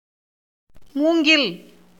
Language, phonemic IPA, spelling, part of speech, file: Tamil, /muːŋɡɪl/, மூங்கில், noun, Ta-மூங்கில்.ogg
- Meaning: bamboo